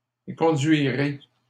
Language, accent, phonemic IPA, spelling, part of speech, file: French, Canada, /e.kɔ̃.dɥi.ʁe/, éconduirez, verb, LL-Q150 (fra)-éconduirez.wav
- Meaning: second-person plural simple future of éconduire